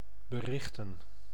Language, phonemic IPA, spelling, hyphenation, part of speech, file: Dutch, /bəˈrɪxtə(n)/, berichten, be‧rich‧ten, verb / noun, Nl-berichten.ogg
- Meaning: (verb) to report, inform; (noun) plural of bericht